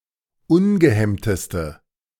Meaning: inflection of ungehemmt: 1. strong/mixed nominative/accusative feminine singular superlative degree 2. strong nominative/accusative plural superlative degree
- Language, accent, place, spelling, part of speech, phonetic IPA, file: German, Germany, Berlin, ungehemmteste, adjective, [ˈʊnɡəˌhɛmtəstə], De-ungehemmteste.ogg